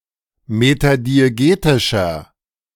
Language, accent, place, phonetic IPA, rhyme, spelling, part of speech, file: German, Germany, Berlin, [ˌmetadieˈɡeːtɪʃɐ], -eːtɪʃɐ, metadiegetischer, adjective, De-metadiegetischer.ogg
- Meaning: inflection of metadiegetisch: 1. strong/mixed nominative masculine singular 2. strong genitive/dative feminine singular 3. strong genitive plural